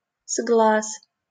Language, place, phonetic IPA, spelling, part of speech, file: Russian, Saint Petersburg, [zɡɫas], сглаз, noun, LL-Q7737 (rus)-сглаз.wav
- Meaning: evil eye, hex, jinx, whammy (an evil spell)